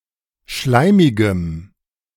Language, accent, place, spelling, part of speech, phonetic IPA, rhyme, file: German, Germany, Berlin, schleimigem, adjective, [ˈʃlaɪ̯mɪɡəm], -aɪ̯mɪɡəm, De-schleimigem.ogg
- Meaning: strong dative masculine/neuter singular of schleimig